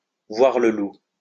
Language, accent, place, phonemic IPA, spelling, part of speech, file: French, France, Lyon, /vwaʁ lə lu/, voir le loup, verb, LL-Q150 (fra)-voir le loup.wav
- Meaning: to lose one's virginity